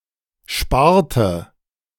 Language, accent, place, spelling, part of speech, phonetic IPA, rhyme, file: German, Germany, Berlin, sparte, verb, [ˈʃpaːɐ̯tə], -aːɐ̯tə, De-sparte.ogg
- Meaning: inflection of sparen: 1. first/third-person singular preterite 2. first/third-person singular subjunctive II